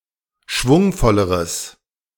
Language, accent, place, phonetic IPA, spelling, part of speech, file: German, Germany, Berlin, [ˈʃvʊŋfɔləʁəs], schwungvolleres, adjective, De-schwungvolleres.ogg
- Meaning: strong/mixed nominative/accusative neuter singular comparative degree of schwungvoll